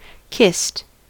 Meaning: simple past and past participle of kiss
- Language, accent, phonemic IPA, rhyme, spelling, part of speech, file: English, US, /kɪst/, -ɪst, kissed, verb, En-us-kissed.ogg